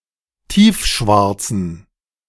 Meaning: inflection of tiefschwarz: 1. strong genitive masculine/neuter singular 2. weak/mixed genitive/dative all-gender singular 3. strong/weak/mixed accusative masculine singular 4. strong dative plural
- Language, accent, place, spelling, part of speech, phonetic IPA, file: German, Germany, Berlin, tiefschwarzen, adjective, [ˈtiːfˌʃvaʁt͡sn̩], De-tiefschwarzen.ogg